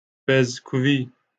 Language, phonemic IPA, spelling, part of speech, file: Northern Kurdish, /pɛzkuːˈviː/, pezkûvî, noun, LL-Q36368 (kur)-pezkûvî.wav
- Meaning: ibex, mountain goat